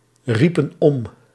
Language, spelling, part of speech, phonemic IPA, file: Dutch, riepen om, verb, /ˈripə(n) ˈɔm/, Nl-riepen om.ogg
- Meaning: inflection of omroepen: 1. plural past indicative 2. plural past subjunctive